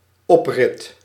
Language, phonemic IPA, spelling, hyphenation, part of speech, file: Dutch, /ˈɔprɪt/, oprit, op‧rit, noun, Nl-oprit.ogg
- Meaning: driveway